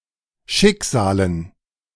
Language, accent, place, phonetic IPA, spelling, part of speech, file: German, Germany, Berlin, [ˈʃɪkˌz̥aːlən], Schicksalen, noun, De-Schicksalen.ogg
- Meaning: dative plural of Schicksal